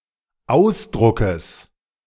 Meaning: genitive singular of Ausdruck
- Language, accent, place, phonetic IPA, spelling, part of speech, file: German, Germany, Berlin, [ˈaʊ̯sˌdʁʊkəs], Ausdruckes, noun, De-Ausdruckes.ogg